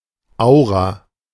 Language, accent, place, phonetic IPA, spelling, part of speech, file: German, Germany, Berlin, [ˈaʊ̯ʁa], Aura, noun, De-Aura.ogg
- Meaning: aura